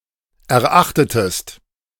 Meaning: inflection of erachten: 1. second-person singular preterite 2. second-person singular subjunctive II
- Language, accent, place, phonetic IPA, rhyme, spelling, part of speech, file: German, Germany, Berlin, [ɛɐ̯ˈʔaxtətəst], -axtətəst, erachtetest, verb, De-erachtetest.ogg